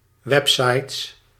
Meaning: plural of website
- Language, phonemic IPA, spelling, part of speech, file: Dutch, /ˈwɛpsɑjts/, websites, noun, Nl-websites.ogg